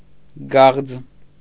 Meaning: dodder
- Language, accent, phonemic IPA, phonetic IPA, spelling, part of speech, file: Armenian, Eastern Armenian, /ɡɑʁd͡z/, [ɡɑʁd͡z], գաղձ, noun, Hy-գաղձ.ogg